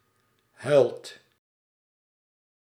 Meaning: inflection of huilen: 1. second/third-person singular present indicative 2. plural imperative
- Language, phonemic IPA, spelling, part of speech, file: Dutch, /ɦœy̯lt/, huilt, verb, Nl-huilt.ogg